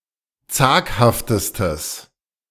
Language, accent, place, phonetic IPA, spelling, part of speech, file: German, Germany, Berlin, [ˈt͡saːkhaftəstəs], zaghaftestes, adjective, De-zaghaftestes.ogg
- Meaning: strong/mixed nominative/accusative neuter singular superlative degree of zaghaft